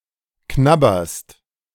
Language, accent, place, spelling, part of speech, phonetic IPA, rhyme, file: German, Germany, Berlin, knabberst, verb, [ˈknabɐst], -abɐst, De-knabberst.ogg
- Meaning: second-person singular present of knabbern